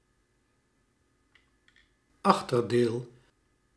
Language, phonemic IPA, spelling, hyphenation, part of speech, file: Dutch, /ˈɑx.tərˌdeːl/, achterdeel, ach‧ter‧deel, noun, Nl-achterdeel.ogg
- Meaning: 1. back part, hindmost part 2. butt, buttocks 3. damage, harm 4. disadvantage